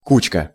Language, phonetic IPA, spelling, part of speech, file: Russian, [ˈkut͡ɕkə], кучка, noun, Ru-кучка.ogg
- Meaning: diminutive of ку́ча (kúča): small heap